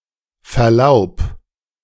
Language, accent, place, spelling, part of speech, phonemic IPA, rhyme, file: German, Germany, Berlin, Verlaub, noun, /fɛɐ̯ˈlaʊ̯p/, -aʊ̯p, De-Verlaub.ogg
- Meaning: 1. permission 2. permission to leave: furlough or safe passage